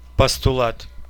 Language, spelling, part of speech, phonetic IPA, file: Russian, постулат, noun, [pəstʊˈɫat], Ru-постула́т.ogg
- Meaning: postulate